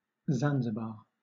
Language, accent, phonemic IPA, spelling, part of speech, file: English, Southern England, /ˈzænzɪbɑː(ɹ)/, Zanzibar, proper noun, LL-Q1860 (eng)-Zanzibar.wav
- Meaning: 1. An island region of Tanzania in the Indian Ocean 2. A former sultanate in East Africa in the Indian Ocean, which merged with Tanganyika in 1963 to form Tanzania